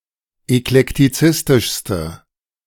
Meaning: inflection of eklektizistisch: 1. strong/mixed nominative/accusative feminine singular superlative degree 2. strong nominative/accusative plural superlative degree
- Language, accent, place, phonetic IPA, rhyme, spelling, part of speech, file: German, Germany, Berlin, [ɛklɛktiˈt͡sɪstɪʃstə], -ɪstɪʃstə, eklektizistischste, adjective, De-eklektizistischste.ogg